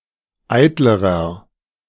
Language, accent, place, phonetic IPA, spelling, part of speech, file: German, Germany, Berlin, [ˈaɪ̯tləʁɐ], eitlerer, adjective, De-eitlerer.ogg
- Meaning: inflection of eitel: 1. strong/mixed nominative masculine singular comparative degree 2. strong genitive/dative feminine singular comparative degree 3. strong genitive plural comparative degree